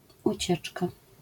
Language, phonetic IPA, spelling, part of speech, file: Polish, [uˈt͡ɕɛt͡ʃka], ucieczka, noun, LL-Q809 (pol)-ucieczka.wav